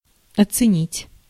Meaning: 1. to appraise, to price 2. to evaluate, to estimate 3. to appreciate (to value highly)
- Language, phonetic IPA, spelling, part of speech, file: Russian, [ɐt͡sɨˈnʲitʲ], оценить, verb, Ru-оценить.ogg